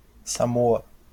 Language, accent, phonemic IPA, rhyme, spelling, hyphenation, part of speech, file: Portuguese, Brazil, /saˈmo.ɐ/, -oɐ, Samoa, Sa‧mo‧a, proper noun, LL-Q5146 (por)-Samoa.wav
- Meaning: Samoa (a country consisting of the western part of the Samoan archipelago in Polynesia, in Oceania; official name: Estado Independente da Samoa; capital: Apia)